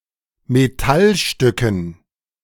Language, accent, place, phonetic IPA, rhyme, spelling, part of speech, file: German, Germany, Berlin, [meˈtalˌʃtʏkn̩], -alʃtʏkn̩, Metallstücken, noun, De-Metallstücken.ogg
- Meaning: dative plural of Metallstück